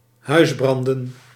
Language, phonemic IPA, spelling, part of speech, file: Dutch, /ˈhœyzbrɑndə(n)/, huisbranden, noun, Nl-huisbranden.ogg
- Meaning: plural of huisbrand